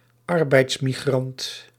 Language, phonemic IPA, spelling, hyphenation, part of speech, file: Dutch, /ˈɑr.bɛi̯ts.ɪ.miˌɣrɑnt/, arbeidsimmigrant, ar‧beids‧im‧mi‧grant, noun, Nl-arbeidsimmigrant.ogg
- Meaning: labour immigrant